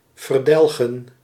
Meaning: to exterminate
- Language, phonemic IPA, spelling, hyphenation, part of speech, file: Dutch, /vərˈdɛl.ɣə(n)/, verdelgen, ver‧del‧gen, verb, Nl-verdelgen.ogg